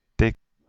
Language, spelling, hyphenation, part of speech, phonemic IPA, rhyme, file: Dutch, tik, tik, noun / verb, /tɪk/, -ɪk, Nl-tik.ogg
- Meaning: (noun) 1. tick (a kind of sound) 2. tap 3. slap 4. little bit (In: "een tikje meer"); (verb) inflection of tikken: first-person singular present indicative